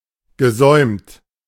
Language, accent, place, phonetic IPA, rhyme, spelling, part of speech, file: German, Germany, Berlin, [ɡəˈzɔɪ̯mt], -ɔɪ̯mt, gesäumt, adjective / verb, De-gesäumt.ogg
- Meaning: past participle of säumen